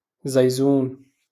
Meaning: mute
- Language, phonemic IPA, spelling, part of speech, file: Moroccan Arabic, /zaj.zuːn/, زيزون, adjective, LL-Q56426 (ary)-زيزون.wav